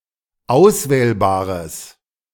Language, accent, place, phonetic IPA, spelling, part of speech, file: German, Germany, Berlin, [ˈaʊ̯sˌvɛːlbaːʁəs], auswählbares, adjective, De-auswählbares.ogg
- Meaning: strong/mixed nominative/accusative neuter singular of auswählbar